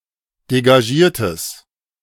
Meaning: strong/mixed nominative/accusative neuter singular of degagiert
- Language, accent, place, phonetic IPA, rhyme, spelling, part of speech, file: German, Germany, Berlin, [deɡaˈʒiːɐ̯təs], -iːɐ̯təs, degagiertes, adjective, De-degagiertes.ogg